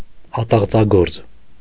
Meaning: a craftsman preparing timber for construction works, also doing simple carpenter tasks
- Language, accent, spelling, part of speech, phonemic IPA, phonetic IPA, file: Armenian, Eastern Armenian, ատաղձագործ, noun, /ɑtɑʁd͡zɑˈɡoɾt͡s/, [ɑtɑʁd͡zɑɡóɾt͡s], Hy-ատաղձագործ.ogg